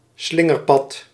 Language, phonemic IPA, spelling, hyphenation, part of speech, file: Dutch, /ˈslɪ.ŋərˌpɑt/, slingerpad, slin‧ger‧pad, noun, Nl-slingerpad.ogg
- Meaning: a winding path